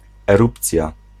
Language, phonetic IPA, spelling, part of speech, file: Polish, [ɛˈrupt͡sʲja], erupcja, noun, Pl-erupcja.ogg